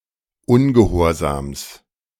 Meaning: genitive singular of Ungehorsam
- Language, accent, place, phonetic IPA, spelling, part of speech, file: German, Germany, Berlin, [ˈʊnɡəhoːɐ̯zaːms], Ungehorsams, noun, De-Ungehorsams.ogg